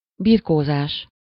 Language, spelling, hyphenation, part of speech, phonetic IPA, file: Hungarian, birkózás, bir‧kó‧zás, noun, [ˈbirkoːzaːʃ], Hu-birkózás.ogg
- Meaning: wrestling